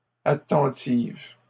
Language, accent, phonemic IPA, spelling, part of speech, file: French, Canada, /a.tɑ̃.tiv/, attentive, adjective, LL-Q150 (fra)-attentive.wav
- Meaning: feminine singular of attentif